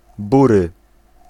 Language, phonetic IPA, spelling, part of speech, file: Polish, [ˈburɨ], bury, adjective / noun, Pl-bury.ogg